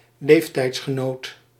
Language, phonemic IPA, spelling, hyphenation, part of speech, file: Dutch, /ˈleːf.tɛi̯ts.xəˌnoːt/, leeftijdsgenoot, leef‧tijds‧ge‧noot, noun, Nl-leeftijdsgenoot.ogg
- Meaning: age-mate (person of the same age)